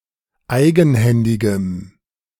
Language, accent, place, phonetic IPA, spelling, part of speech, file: German, Germany, Berlin, [ˈaɪ̯ɡn̩ˌhɛndɪɡəm], eigenhändigem, adjective, De-eigenhändigem.ogg
- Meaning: strong dative masculine/neuter singular of eigenhändig